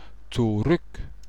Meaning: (adverb) back, backward, backwards, to the rear; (interjection) 1. stand back! 2. get back!
- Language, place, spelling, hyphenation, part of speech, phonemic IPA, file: German, Bavaria, zurück, zu‧rück, adverb / interjection, /t͡suˈʁʏk/, DE-zurück.ogg